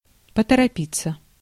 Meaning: 1. to hurry, to be in a hurry, to hasten 2. passive of поторопи́ть (potoropítʹ)
- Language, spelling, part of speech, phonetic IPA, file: Russian, поторопиться, verb, [pətərɐˈpʲit͡sːə], Ru-поторопиться.ogg